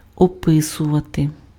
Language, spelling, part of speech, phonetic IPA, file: Ukrainian, описувати, verb, [ɔˈpɪsʊʋɐte], Uk-описувати.ogg
- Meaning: to describe